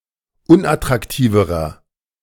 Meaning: inflection of unattraktiv: 1. strong/mixed nominative masculine singular comparative degree 2. strong genitive/dative feminine singular comparative degree 3. strong genitive plural comparative degree
- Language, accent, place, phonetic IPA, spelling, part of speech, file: German, Germany, Berlin, [ˈʊnʔatʁakˌtiːvəʁɐ], unattraktiverer, adjective, De-unattraktiverer.ogg